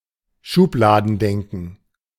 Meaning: pigeonholing, stereotyped thinking
- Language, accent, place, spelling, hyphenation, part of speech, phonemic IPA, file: German, Germany, Berlin, Schubladendenken, Schub‧la‧den‧den‧ken, noun, /ˈʃuːplaːdn̩ˌdɛŋkn̩/, De-Schubladendenken.ogg